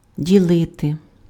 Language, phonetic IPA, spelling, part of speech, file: Ukrainian, [dʲiˈɫɪte], ділити, verb, Uk-ділити.ogg
- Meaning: 1. to divide 2. to share, to exchange